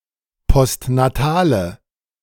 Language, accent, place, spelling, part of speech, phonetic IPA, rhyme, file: German, Germany, Berlin, postnatale, adjective, [pɔstnaˈtaːlə], -aːlə, De-postnatale.ogg
- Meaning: inflection of postnatal: 1. strong/mixed nominative/accusative feminine singular 2. strong nominative/accusative plural 3. weak nominative all-gender singular